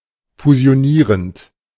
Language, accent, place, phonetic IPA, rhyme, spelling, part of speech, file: German, Germany, Berlin, [fuzi̯oˈniːʁənt], -iːʁənt, fusionierend, verb, De-fusionierend.ogg
- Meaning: present participle of fusionieren